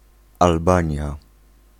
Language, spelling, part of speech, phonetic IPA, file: Polish, Albania, proper noun, [alˈbãɲja], Pl-Albania.ogg